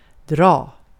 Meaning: 1. to pull (on something, possibly causing it to move) 2. to pull (on something, possibly causing it to move): to tow (a trailer or the like – compare bogsera)
- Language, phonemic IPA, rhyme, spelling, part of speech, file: Swedish, /drɑː/, -ɑː, dra, verb, Sv-dra.ogg